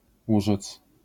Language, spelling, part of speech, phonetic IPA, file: Polish, urzec, verb, [ˈuʒɛt͡s], LL-Q809 (pol)-urzec.wav